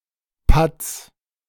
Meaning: 1. plural of Putt 2. genitive singular of Putt
- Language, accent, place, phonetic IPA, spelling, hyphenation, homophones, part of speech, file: German, Germany, Berlin, [pʊts], Putts, Putts, Putz, noun, De-Putts.ogg